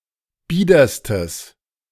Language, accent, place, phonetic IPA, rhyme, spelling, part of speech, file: German, Germany, Berlin, [ˈbiːdɐstəs], -iːdɐstəs, biederstes, adjective, De-biederstes.ogg
- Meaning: strong/mixed nominative/accusative neuter singular superlative degree of bieder